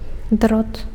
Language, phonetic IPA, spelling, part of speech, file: Belarusian, [drot], дрот, noun, Be-дрот.ogg
- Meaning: wire